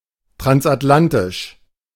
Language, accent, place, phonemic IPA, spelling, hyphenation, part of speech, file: German, Germany, Berlin, /tʁansʔatˈlantɪʃ/, transatlantisch, trans‧at‧lan‧tisch, adjective, De-transatlantisch.ogg
- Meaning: 1. transatlantic (pertaining to the crossing of the Atlantic ocean) 2. pertaining to the relationship between Europe and North America, especially the US